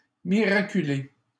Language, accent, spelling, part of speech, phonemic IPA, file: French, Canada, miraculé, verb / adjective / noun, /mi.ʁa.ky.le/, LL-Q150 (fra)-miraculé.wav
- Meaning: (verb) past participle of miraculer; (adjective) 1. cured by a miracle, e.g. through the intercession of a saint 2. cured or otherwise saved as if by a miracle 3. miraculous